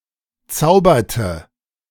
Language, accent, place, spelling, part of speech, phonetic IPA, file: German, Germany, Berlin, zauberte, verb, [ˈt͡saʊ̯bɐtə], De-zauberte.ogg
- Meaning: inflection of zaubern: 1. first/third-person singular preterite 2. first/third-person singular subjunctive II